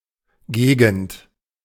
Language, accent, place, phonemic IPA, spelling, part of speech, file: German, Germany, Berlin, /ˈɡeːɡənt/, Gegend, noun, De-Gegend.ogg
- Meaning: area, region